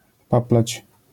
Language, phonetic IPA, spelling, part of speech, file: Polish, [ˈpaplat͡ɕ], paplać, verb, LL-Q809 (pol)-paplać.wav